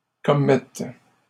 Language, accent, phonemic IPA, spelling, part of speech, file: French, Canada, /kɔ.mɛt/, commette, verb, LL-Q150 (fra)-commette.wav
- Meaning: first/third-person singular present subjunctive of commettre